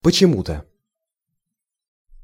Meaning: for some reason, somewhy
- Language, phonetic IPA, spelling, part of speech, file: Russian, [pət͡ɕɪˈmu‿tə], почему-то, adverb, Ru-почему-то.ogg